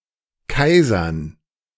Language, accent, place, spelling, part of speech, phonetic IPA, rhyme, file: German, Germany, Berlin, Kaisern, noun, [ˈkaɪ̯zɐn], -aɪ̯zɐn, De-Kaisern.ogg
- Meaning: dative plural of Kaiser